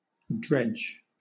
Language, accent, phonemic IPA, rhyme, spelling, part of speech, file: English, Southern England, /dɹɛd͡ʒ/, -ɛdʒ, dredge, noun / verb, LL-Q1860 (eng)-dredge.wav
- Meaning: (noun) Any instrument used to gather or take by dragging; as: 1. A dragnet for taking up oysters, etc., from their beds 2. A dredging machine